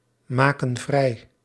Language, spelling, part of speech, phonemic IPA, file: Dutch, maken vrij, verb, /ˈmakə(n) ˈvrɛi/, Nl-maken vrij.ogg
- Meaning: inflection of vrijmaken: 1. plural present indicative 2. plural present subjunctive